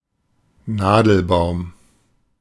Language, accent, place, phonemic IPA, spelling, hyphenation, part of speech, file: German, Germany, Berlin, /ˈnaːdl̩baʊ̯m/, Nadelbaum, Na‧del‧baum, noun, De-Nadelbaum.ogg
- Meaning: conifer, coniferous tree